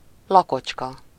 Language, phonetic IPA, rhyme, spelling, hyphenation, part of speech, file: Hungarian, [ˈlɒkot͡ʃkɒ], -kɒ, lakocska, la‧kocs‧ka, noun, Hu-lakocska.ogg
- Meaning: small cottage